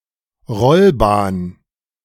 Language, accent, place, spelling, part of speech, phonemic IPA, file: German, Germany, Berlin, Rollbahn, noun, /ˈʁɔlˌbaːn/, De-Rollbahn.ogg
- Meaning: 1. taxiway 2. a road that an army uses to the front, especially for supply